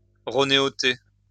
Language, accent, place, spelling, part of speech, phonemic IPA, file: French, France, Lyon, ronéoter, verb, /ʁo.ne.ɔ.te/, LL-Q150 (fra)-ronéoter.wav
- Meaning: to duplicate (using a Roneo)